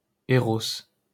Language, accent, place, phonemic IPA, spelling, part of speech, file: French, France, Paris, /e.ʁɔs/, Éros, proper noun, LL-Q150 (fra)-Éros.wav
- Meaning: Eros